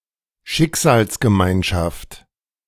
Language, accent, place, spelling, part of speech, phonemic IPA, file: German, Germany, Berlin, Schicksalsgemeinschaft, noun, /ˈʃɪk.za(ː)ls.ɡəˌmaɪ̯n.ʃaft/, De-Schicksalsgemeinschaft.ogg
- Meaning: community of fate, a group of people who are bound (temporarily or for good) by a shared destiny